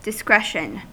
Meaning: 1. The quality of being discreet 2. The ability to make wise choices or decisions 3. The freedom to make one's own judgements
- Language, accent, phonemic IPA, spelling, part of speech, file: English, US, /dɪˈskɹɛʃən/, discretion, noun, En-us-discretion.ogg